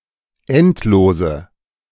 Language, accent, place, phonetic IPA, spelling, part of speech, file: German, Germany, Berlin, [ˈɛntˌloːzə], endlose, adjective, De-endlose.ogg
- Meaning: inflection of endlos: 1. strong/mixed nominative/accusative feminine singular 2. strong nominative/accusative plural 3. weak nominative all-gender singular 4. weak accusative feminine/neuter singular